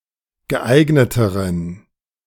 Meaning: inflection of geeignet: 1. strong genitive masculine/neuter singular comparative degree 2. weak/mixed genitive/dative all-gender singular comparative degree
- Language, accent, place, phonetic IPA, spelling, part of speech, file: German, Germany, Berlin, [ɡəˈʔaɪ̯ɡnətəʁən], geeigneteren, adjective, De-geeigneteren.ogg